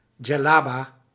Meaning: a djellaba
- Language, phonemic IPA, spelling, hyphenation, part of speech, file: Dutch, /dʒɛ.laː.baː/, djellaba, djel‧la‧ba, noun, Nl-djellaba.ogg